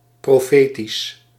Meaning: prophetic
- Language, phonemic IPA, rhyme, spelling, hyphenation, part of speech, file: Dutch, /ˌproːˈfeː.tis/, -eːtis, profetisch, pro‧fe‧tisch, adjective, Nl-profetisch.ogg